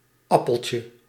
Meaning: diminutive of appel
- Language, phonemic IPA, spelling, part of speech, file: Dutch, /ˈɑpəlcə/, appeltje, noun, Nl-appeltje.ogg